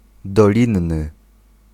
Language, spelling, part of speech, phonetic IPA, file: Polish, dolinny, adjective, [dɔˈlʲĩnːɨ], Pl-dolinny.ogg